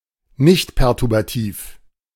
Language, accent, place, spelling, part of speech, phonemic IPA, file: German, Germany, Berlin, nichtperturbativ, adjective, /ˈnɪçtpɛʁtʊʁbaˌtiːf/, De-nichtperturbativ.ogg
- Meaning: nonperturbative